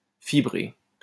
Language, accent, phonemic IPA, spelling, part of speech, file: French, France, /fi.bʁe/, fibré, verb / adjective, LL-Q150 (fra)-fibré.wav
- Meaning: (verb) past participle of fibrer; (adjective) fibrous